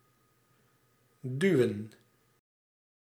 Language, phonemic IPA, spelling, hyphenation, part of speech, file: Dutch, /ˈdyu̯ə(n)/, duwen, du‧wen, verb, Nl-duwen.ogg
- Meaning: to push